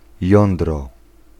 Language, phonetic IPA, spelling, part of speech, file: Polish, [ˈjɔ̃ndrɔ], jądro, noun, Pl-jądro.ogg